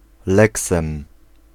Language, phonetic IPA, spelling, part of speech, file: Polish, [ˈlɛksɛ̃m], leksem, noun, Pl-leksem.ogg